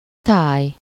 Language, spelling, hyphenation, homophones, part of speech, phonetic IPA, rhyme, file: Hungarian, táj, táj, thai, noun, [ˈtaːj], -aːj, Hu-táj.ogg
- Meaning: 1. region 2. landscape